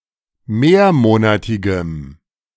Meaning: strong dative masculine/neuter singular of mehrmonatig
- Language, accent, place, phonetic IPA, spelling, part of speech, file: German, Germany, Berlin, [ˈmeːɐ̯ˌmoːnatɪɡəm], mehrmonatigem, adjective, De-mehrmonatigem.ogg